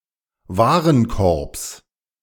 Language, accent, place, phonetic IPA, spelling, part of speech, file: German, Germany, Berlin, [ˈvaːʁənˌkɔʁps], Warenkorbs, noun, De-Warenkorbs.ogg
- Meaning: genitive singular of Warenkorb